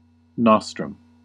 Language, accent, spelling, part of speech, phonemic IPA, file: English, US, nostrum, noun, /ˈnɑ.stɹəm/, En-us-nostrum.ogg
- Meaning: 1. A medicine or remedy in conventional use which has not been proven to have any desirable medical effects 2. An ineffective but favorite remedy for a problem, usually involving political action